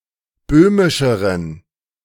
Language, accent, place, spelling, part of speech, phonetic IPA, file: German, Germany, Berlin, böhmischeren, adjective, [ˈbøːmɪʃəʁən], De-böhmischeren.ogg
- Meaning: inflection of böhmisch: 1. strong genitive masculine/neuter singular comparative degree 2. weak/mixed genitive/dative all-gender singular comparative degree